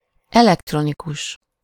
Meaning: electronic (operating on the physical behavior of electrons)
- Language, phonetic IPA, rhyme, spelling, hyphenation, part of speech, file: Hungarian, [ˈɛlɛktronikuʃ], -uʃ, elektronikus, elekt‧ro‧ni‧kus, adjective, Hu-elektronikus.ogg